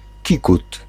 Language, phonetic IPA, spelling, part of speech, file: Polish, [ˈcikut], kikut, noun, Pl-kikut.ogg